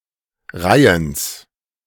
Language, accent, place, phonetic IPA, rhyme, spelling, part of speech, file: German, Germany, Berlin, [ˈʁaɪ̯əns], -aɪ̯əns, Reihens, noun, De-Reihens.ogg
- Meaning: genitive of Reihen